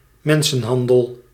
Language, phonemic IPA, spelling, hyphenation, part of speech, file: Dutch, /ˈmɛn.sə(n)ˌɦɑn.dəl/, mensenhandel, men‧sen‧han‧del, noun, Nl-mensenhandel.ogg
- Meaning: human trafficking